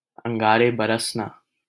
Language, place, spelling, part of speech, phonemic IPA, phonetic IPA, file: Hindi, Delhi, अंगारे बरसना, verb, /əŋ.ɡɑː.ɾeː bə.ɾəs.nɑː/, [ɐ̃ŋ.ɡäː.ɾeː‿bɐ.ɾɐs.näː], LL-Q1568 (hin)-अंगारे बरसना.wav
- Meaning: 1. for extreme heat to manifest 2. to become godly angry